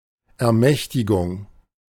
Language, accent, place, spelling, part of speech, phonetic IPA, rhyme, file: German, Germany, Berlin, Ermächtigung, noun, [ɛɐ̯ˈmɛçtɪɡʊŋ], -ɛçtɪɡʊŋ, De-Ermächtigung.ogg
- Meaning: 1. authorization 2. empowerment